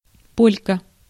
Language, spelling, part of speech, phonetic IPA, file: Russian, полька, noun, [ˈpolʲkə], Ru-полька.ogg
- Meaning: 1. female equivalent of поля́к (polják): female Pole, Polish woman or girl 2. a 60mm reduced-noise mortar or mortar round 3. polka 4. polka (a haircut)